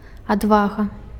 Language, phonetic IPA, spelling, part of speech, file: Belarusian, [adˈvaɣa], адвага, noun, Be-адвага.ogg
- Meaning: bravery, valour, courage